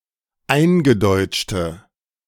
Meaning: inflection of eingedeutscht: 1. strong/mixed nominative/accusative feminine singular 2. strong nominative/accusative plural 3. weak nominative all-gender singular
- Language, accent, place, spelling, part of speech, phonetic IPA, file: German, Germany, Berlin, eingedeutschte, adjective, [ˈaɪ̯nɡəˌdɔɪ̯t͡ʃtə], De-eingedeutschte.ogg